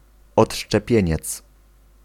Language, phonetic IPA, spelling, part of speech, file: Polish, [ˌɔṭʃt͡ʃɛˈpʲjɛ̇̃ɲɛt͡s], odszczepieniec, noun, Pl-odszczepieniec.ogg